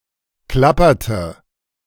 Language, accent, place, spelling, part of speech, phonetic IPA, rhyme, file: German, Germany, Berlin, klapperte, verb, [ˈklapɐtə], -apɐtə, De-klapperte.ogg
- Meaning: inflection of klappern: 1. first/third-person singular preterite 2. first/third-person singular subjunctive II